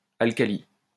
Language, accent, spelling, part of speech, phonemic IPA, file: French, France, alcali, noun, /al.ka.li/, LL-Q150 (fra)-alcali.wav
- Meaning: alkali